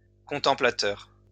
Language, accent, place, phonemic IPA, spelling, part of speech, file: French, France, Lyon, /kɔ̃.tɑ̃.pla.tœʁ/, contemplateur, noun, LL-Q150 (fra)-contemplateur.wav
- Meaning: contemplator, meditator